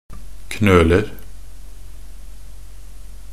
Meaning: indefinite plural of knøl
- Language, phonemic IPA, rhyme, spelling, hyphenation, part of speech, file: Norwegian Bokmål, /knøːlər/, -ər, knøler, knøl‧er, noun, Nb-knøler.ogg